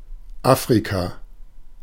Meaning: Africa (the continent south of Europe and between the Atlantic and Indian Oceans)
- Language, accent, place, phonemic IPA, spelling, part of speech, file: German, Germany, Berlin, /ˈa(ː)fʁika/, Afrika, proper noun, De-Afrika.ogg